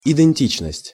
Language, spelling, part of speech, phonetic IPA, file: Russian, идентичность, noun, [ɪdɨnʲˈtʲit͡ɕnəsʲtʲ], Ru-идентичность.ogg
- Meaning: identity (the sameness some individuals share to make up the same kind or universal)